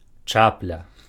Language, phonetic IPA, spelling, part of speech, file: Belarusian, [ˈt͡ʂaplʲa], чапля, noun, Be-чапля.ogg
- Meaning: heron